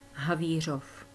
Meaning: a city in the eastern Czech Republic
- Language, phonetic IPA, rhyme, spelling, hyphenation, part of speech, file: Czech, [ˈɦaviːr̝of], -iːr̝of, Havířov, Ha‧ví‧řov, proper noun, Cs Havířov.ogg